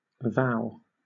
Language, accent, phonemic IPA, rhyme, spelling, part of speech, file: English, Southern England, /vaʊ/, -aʊ, vow, noun / verb, LL-Q1860 (eng)-vow.wav
- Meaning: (noun) 1. A solemn promise to perform some act, or behave in a specified manner, especially a promise to live and act in accordance with the rules of a religious order 2. A declaration or assertion